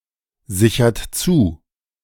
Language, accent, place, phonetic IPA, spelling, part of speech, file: German, Germany, Berlin, [ˌzɪçɐt ˈt͡suː], sichert zu, verb, De-sichert zu.ogg
- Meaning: inflection of zusichern: 1. third-person singular present 2. second-person plural present 3. plural imperative